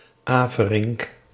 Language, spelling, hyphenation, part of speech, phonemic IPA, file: Dutch, Averink, Ave‧rink, proper noun, /ˈaː.vəˌrɪŋk/, Nl-Averink.ogg
- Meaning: a surname